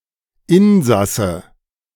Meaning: 1. a passenger of a vehicle 2. an inhabitant of a building with multiple inhabitants, specifically: an inhabitant of a home
- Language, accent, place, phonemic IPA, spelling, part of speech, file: German, Germany, Berlin, /ˈɪnˌzasə/, Insasse, noun, De-Insasse.ogg